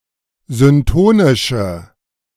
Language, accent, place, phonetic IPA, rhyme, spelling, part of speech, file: German, Germany, Berlin, [zʏnˈtoːnɪʃə], -oːnɪʃə, syntonische, adjective, De-syntonische.ogg
- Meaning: inflection of syntonisch: 1. strong/mixed nominative/accusative feminine singular 2. strong nominative/accusative plural 3. weak nominative all-gender singular